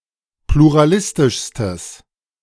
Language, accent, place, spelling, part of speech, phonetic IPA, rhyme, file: German, Germany, Berlin, pluralistischstes, adjective, [pluʁaˈlɪstɪʃstəs], -ɪstɪʃstəs, De-pluralistischstes.ogg
- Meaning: strong/mixed nominative/accusative neuter singular superlative degree of pluralistisch